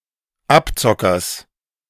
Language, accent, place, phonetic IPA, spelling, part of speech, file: German, Germany, Berlin, [ˈapˌt͡sɔkɐs], Abzockers, noun, De-Abzockers.ogg
- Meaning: genitive of Abzocker